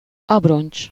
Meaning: 1. hoop (a circular band of metal used to bind a barrel) 2. ring, band (a thicker iron band hot-drawn around the circumference of a wooden wheel to hold the wheel together and protect it from wear)
- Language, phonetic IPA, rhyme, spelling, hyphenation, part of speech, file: Hungarian, [ˈɒbront͡ʃ], -ont͡ʃ, abroncs, ab‧roncs, noun, Hu-abroncs.ogg